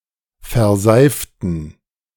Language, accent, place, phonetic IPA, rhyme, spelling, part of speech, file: German, Germany, Berlin, [fɛɐ̯ˈzaɪ̯ftn̩], -aɪ̯ftn̩, verseiften, adjective / verb, De-verseiften.ogg
- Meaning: inflection of verseifen: 1. first/third-person plural preterite 2. first/third-person plural subjunctive II